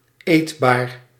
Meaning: edible, fit for consumption
- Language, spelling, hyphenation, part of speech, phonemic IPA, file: Dutch, eetbaar, eet‧baar, adjective, /ˈeːt.baːr/, Nl-eetbaar.ogg